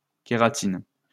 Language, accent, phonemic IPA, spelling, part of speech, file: French, France, /ke.ʁa.tin/, kératine, noun, LL-Q150 (fra)-kératine.wav
- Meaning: keratin